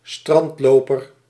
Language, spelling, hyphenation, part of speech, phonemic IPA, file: Dutch, strandloper, strand‧lo‧per, noun, /ˈstrɑntˌloː.pər/, Nl-strandloper.ogg
- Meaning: 1. a sandpiper, used of certain waders of the family Scolopacidae, especially of the genus Calidris 2. a beachcomber 3. a beach walker, someone who walks on the beach